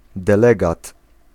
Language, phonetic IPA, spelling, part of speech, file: Polish, [dɛˈlɛɡat], delegat, noun, Pl-delegat.ogg